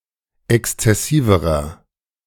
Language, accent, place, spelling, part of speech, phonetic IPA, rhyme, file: German, Germany, Berlin, exzessiverer, adjective, [ˌɛkst͡sɛˈsiːvəʁɐ], -iːvəʁɐ, De-exzessiverer.ogg
- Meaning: inflection of exzessiv: 1. strong/mixed nominative masculine singular comparative degree 2. strong genitive/dative feminine singular comparative degree 3. strong genitive plural comparative degree